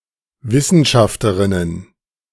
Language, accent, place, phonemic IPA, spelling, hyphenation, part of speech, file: German, Germany, Berlin, /ˈvɪsn̩ʃaftəʁɪnən/, Wissenschafterinnen, Wis‧sen‧schaf‧te‧rin‧nen, noun, De-Wissenschafterinnen.ogg
- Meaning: plural of Wissenschafterin